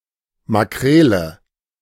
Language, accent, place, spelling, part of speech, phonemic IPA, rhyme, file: German, Germany, Berlin, Makrele, noun, /maˈkʁeːlə/, -eːlə, De-Makrele.ogg
- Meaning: mackerel